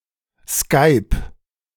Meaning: 1. singular imperative of skypen 2. first-person singular present of skypen
- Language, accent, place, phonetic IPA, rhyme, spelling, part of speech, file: German, Germany, Berlin, [skaɪ̯p], -aɪ̯p, skyp, verb, De-skyp.ogg